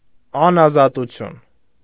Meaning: captivity, confinement
- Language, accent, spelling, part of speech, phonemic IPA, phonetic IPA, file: Armenian, Eastern Armenian, անազատություն, noun, /ɑnɑzɑtuˈtʰjun/, [ɑnɑzɑtut͡sʰjún], Hy-անազատություն.ogg